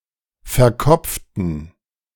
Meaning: inflection of verkopft: 1. strong genitive masculine/neuter singular 2. weak/mixed genitive/dative all-gender singular 3. strong/weak/mixed accusative masculine singular 4. strong dative plural
- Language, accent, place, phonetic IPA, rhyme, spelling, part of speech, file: German, Germany, Berlin, [fɛɐ̯ˈkɔp͡ftn̩], -ɔp͡ftn̩, verkopften, adjective / verb, De-verkopften.ogg